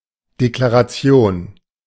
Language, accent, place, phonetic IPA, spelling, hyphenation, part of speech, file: German, Germany, Berlin, [ˌdeklaʀaˈt͡si̯oːn], Deklaration, De‧kla‧ra‧ti‧on, noun, De-Deklaration.ogg
- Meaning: declaration (written or oral indication of a fact, opinion, or belief)